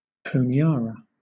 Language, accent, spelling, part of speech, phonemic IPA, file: English, Southern England, Honiara, proper noun, /ˌhəʊnɪˈɑːɹə/, LL-Q1860 (eng)-Honiara.wav
- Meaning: 1. The capital city of the Solomon Islands 2. The Solomon Islands government